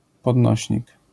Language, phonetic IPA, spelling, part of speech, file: Polish, [pɔdˈnɔɕɲik], podnośnik, noun, LL-Q809 (pol)-podnośnik.wav